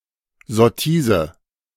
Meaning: 1. taunt (a spiteful remark) 2. bêtise, stupidity
- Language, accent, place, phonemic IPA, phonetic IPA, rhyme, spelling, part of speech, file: German, Germany, Berlin, /ˌzɔˈtiːzə/, [ˌzɔˈtiːzə], -iːzə, Sottise, noun, De-Sottise.ogg